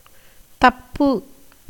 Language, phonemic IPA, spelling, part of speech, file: Tamil, /t̪ɐpːɯ/, தப்பு, noun / verb, Ta-தப்பு.ogg
- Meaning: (noun) 1. error, mistake 2. misdeed, misdemeanour 3. slip, failure 4. lie, falsehood 5. fraud, deception 6. escape, flight, slipping away, release, extrication 7. beating clothes in washing